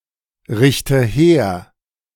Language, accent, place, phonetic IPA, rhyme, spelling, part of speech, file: German, Germany, Berlin, [ˌʁɪçtə ˈheːɐ̯], -eːɐ̯, richte her, verb, De-richte her.ogg
- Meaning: inflection of herrichten: 1. first-person singular present 2. first/third-person singular subjunctive I 3. singular imperative